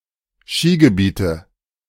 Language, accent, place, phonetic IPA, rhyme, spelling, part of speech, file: German, Germany, Berlin, [ˈʃiːɡəˌbiːtə], -iːɡəbiːtə, Skigebiete, noun, De-Skigebiete.ogg
- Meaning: nominative/accusative/genitive plural of Skigebiet